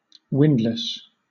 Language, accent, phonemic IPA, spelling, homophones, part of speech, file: English, Southern England, /ˈwɪnd.ləs/, windlass, windless, noun / verb, LL-Q1860 (eng)-windlass.wav
- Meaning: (noun) 1. Any of various forms of winch, in which a rope or cable is wound around a cylinder, used for lifting heavy weights 2. A winding and circuitous way; a roundabout course